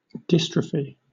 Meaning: A wasting of body tissues, of either genetic origin or due to inadequate or defective nutrition
- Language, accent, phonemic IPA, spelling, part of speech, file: English, Southern England, /ˈdɪstɹəfi/, dystrophy, noun, LL-Q1860 (eng)-dystrophy.wav